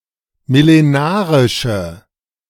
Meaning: inflection of millenarisch: 1. strong/mixed nominative/accusative feminine singular 2. strong nominative/accusative plural 3. weak nominative all-gender singular
- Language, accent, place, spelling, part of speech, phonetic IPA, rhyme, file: German, Germany, Berlin, millenarische, adjective, [mɪleˈnaːʁɪʃə], -aːʁɪʃə, De-millenarische.ogg